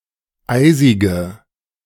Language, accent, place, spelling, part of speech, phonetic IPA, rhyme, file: German, Germany, Berlin, eisige, adjective, [ˈaɪ̯zɪɡə], -aɪ̯zɪɡə, De-eisige.ogg
- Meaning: inflection of eisig: 1. strong/mixed nominative/accusative feminine singular 2. strong nominative/accusative plural 3. weak nominative all-gender singular 4. weak accusative feminine/neuter singular